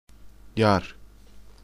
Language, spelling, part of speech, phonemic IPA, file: Turkish, yar, noun / verb, /jɑɾ/, Tr-yar.ogg
- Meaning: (noun) 1. cliff, scarp, precipice 2. love, beloved; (verb) second-person singular imperative of yarmak